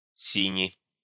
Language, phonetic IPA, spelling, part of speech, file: Russian, [ˈsʲinʲɪ], сини, adjective, Ru-сини.ogg
- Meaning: short plural of си́ний (sínij)